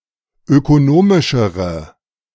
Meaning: inflection of ökonomisch: 1. strong/mixed nominative/accusative feminine singular comparative degree 2. strong nominative/accusative plural comparative degree
- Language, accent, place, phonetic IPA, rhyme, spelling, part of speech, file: German, Germany, Berlin, [økoˈnoːmɪʃəʁə], -oːmɪʃəʁə, ökonomischere, adjective, De-ökonomischere.ogg